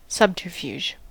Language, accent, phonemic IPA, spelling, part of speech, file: English, US, /ˈsʌbtəɹˌfjuː(d)ʒ/, subterfuge, noun, En-us-subterfuge.ogg
- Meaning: 1. An indirect or deceptive device or stratagem; a blind. Refers especially to war and diplomatics 2. Deception; misrepresentation of the true nature of an activity